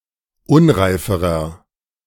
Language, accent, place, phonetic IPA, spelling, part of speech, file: German, Germany, Berlin, [ˈʊnʁaɪ̯fəʁɐ], unreiferer, adjective, De-unreiferer.ogg
- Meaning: inflection of unreif: 1. strong/mixed nominative masculine singular comparative degree 2. strong genitive/dative feminine singular comparative degree 3. strong genitive plural comparative degree